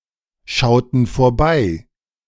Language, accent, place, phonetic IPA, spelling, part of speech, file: German, Germany, Berlin, [ˌʃaʊ̯tn̩ foːɐ̯ˈbaɪ̯], schauten vorbei, verb, De-schauten vorbei.ogg
- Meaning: inflection of vorbeischauen: 1. first/third-person plural preterite 2. first/third-person plural subjunctive II